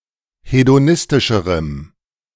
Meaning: strong dative masculine/neuter singular comparative degree of hedonistisch
- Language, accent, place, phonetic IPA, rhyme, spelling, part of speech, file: German, Germany, Berlin, [hedoˈnɪstɪʃəʁəm], -ɪstɪʃəʁəm, hedonistischerem, adjective, De-hedonistischerem.ogg